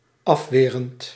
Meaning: present participle of afweren
- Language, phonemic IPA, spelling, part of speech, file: Dutch, /ˈɑfwerənt/, afwerend, verb / adjective, Nl-afwerend.ogg